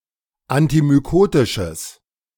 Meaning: strong/mixed nominative/accusative neuter singular of antimykotisch
- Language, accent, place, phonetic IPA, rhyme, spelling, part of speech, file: German, Germany, Berlin, [antimyˈkoːtɪʃəs], -oːtɪʃəs, antimykotisches, adjective, De-antimykotisches.ogg